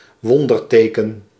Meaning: miraculous sign
- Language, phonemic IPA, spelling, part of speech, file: Dutch, /ˈwɔndərˌtekə(n)/, wonderteken, noun, Nl-wonderteken.ogg